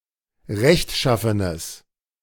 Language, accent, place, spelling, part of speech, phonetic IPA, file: German, Germany, Berlin, rechtschaffenes, adjective, [ˈʁɛçtˌʃafənəs], De-rechtschaffenes.ogg
- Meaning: strong/mixed nominative/accusative neuter singular of rechtschaffen